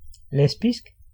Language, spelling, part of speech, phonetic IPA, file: Danish, lesbisk, adjective, [ˈlɛsb̥isɡ̊], Da-lesbisk.ogg
- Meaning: 1. lesbian (pertaining to female homosexuality) 2. Lesbian (concerning the Greek island of Lesbos and the Ancient Greek dialect of this island)